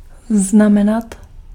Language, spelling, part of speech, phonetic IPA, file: Czech, znamenat, verb, [ˈznamɛnat], Cs-znamenat.ogg
- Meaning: to mean (to have as a meaning)